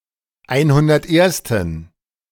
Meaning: inflection of einhunderterste: 1. strong genitive masculine/neuter singular 2. weak/mixed genitive/dative all-gender singular 3. strong/weak/mixed accusative masculine singular 4. strong dative plural
- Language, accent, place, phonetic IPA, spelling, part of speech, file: German, Germany, Berlin, [ˈaɪ̯nhʊndɐtˌʔeːɐ̯stn̩], einhundertersten, adjective, De-einhundertersten.ogg